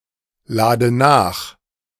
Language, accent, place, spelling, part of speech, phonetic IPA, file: German, Germany, Berlin, lade nach, verb, [ˌlaːdə ˈnaːx], De-lade nach.ogg
- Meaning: inflection of nachladen: 1. first-person singular present 2. first/third-person singular subjunctive I 3. singular imperative